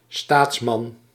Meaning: statesman
- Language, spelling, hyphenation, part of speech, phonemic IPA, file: Dutch, staatsman, staats‧man, noun, /ˈstaːts.mɑn/, Nl-staatsman.ogg